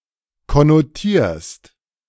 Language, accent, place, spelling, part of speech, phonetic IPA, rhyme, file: German, Germany, Berlin, konnotierst, verb, [kɔnoˈtiːɐ̯st], -iːɐ̯st, De-konnotierst.ogg
- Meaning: second-person singular present of konnotieren